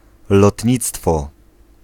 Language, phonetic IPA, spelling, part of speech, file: Polish, [lɔtʲˈɲit͡stfɔ], lotnictwo, noun, Pl-lotnictwo.ogg